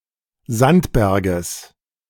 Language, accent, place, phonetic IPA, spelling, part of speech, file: German, Germany, Berlin, [ˈzantˌbɛʁɡəs], Sandberges, noun, De-Sandberges.ogg
- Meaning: genitive singular of Sandberg